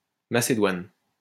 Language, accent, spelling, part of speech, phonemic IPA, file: French, France, macédoine, noun, /ma.se.dwan/, LL-Q150 (fra)-macédoine.wav
- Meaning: macédoine (dish containing a mixture of many types of fruits or vegetables)